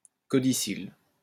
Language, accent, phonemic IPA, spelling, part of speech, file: French, France, /kɔ.di.sil/, codicille, noun, LL-Q150 (fra)-codicille.wav
- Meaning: codicil